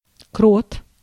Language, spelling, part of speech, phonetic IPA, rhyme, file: Russian, крот, noun, [krot], -ot, Ru-крот.ogg
- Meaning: mole (burrowing insectivore)